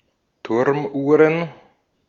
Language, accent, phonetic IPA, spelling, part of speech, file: German, Austria, [ˈtʊʁmˌʔuːʁən], Turmuhren, noun, De-at-Turmuhren.ogg
- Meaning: plural of Turmuhr